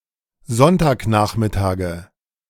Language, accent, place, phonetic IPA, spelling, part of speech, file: German, Germany, Berlin, [ˈzɔntaːkˌnaːxmɪtaːɡə], Sonntagnachmittage, noun, De-Sonntagnachmittage.ogg
- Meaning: nominative/accusative/genitive plural of Sonntagnachmittag